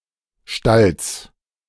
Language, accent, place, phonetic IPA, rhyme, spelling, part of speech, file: German, Germany, Berlin, [ʃtals], -als, Stalls, noun, De-Stalls.ogg
- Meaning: genitive singular of Stall